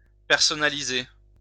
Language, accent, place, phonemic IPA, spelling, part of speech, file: French, France, Lyon, /pɛʁ.sɔ.na.li.ze/, personnaliser, verb, LL-Q150 (fra)-personnaliser.wav
- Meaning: to personalise, to customise